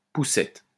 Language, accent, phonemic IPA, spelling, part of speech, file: French, France, /pu.sɛt/, poussette, noun, LL-Q150 (fra)-poussette.wav
- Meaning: 1. pushchair (UK), stroller (US) 2. pushpin